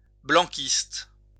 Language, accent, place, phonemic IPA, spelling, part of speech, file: French, France, Lyon, /blɑ̃.kist/, blanquiste, noun / adjective, LL-Q150 (fra)-blanquiste.wav
- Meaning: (noun) Blanquist